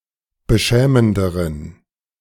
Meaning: inflection of beschämend: 1. strong genitive masculine/neuter singular comparative degree 2. weak/mixed genitive/dative all-gender singular comparative degree
- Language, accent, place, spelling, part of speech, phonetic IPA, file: German, Germany, Berlin, beschämenderen, adjective, [bəˈʃɛːməndəʁən], De-beschämenderen.ogg